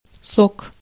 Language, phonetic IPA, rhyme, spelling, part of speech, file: Russian, [sok], -ok, сок, noun, Ru-сок.ogg
- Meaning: 1. juice 2. sap 3. an outstanding part of something 4. cum, semen